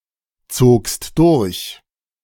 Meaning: second-person singular preterite of durchziehen
- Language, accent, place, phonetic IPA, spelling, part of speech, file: German, Germany, Berlin, [ˌt͡soːkst ˈdʊʁç], zogst durch, verb, De-zogst durch.ogg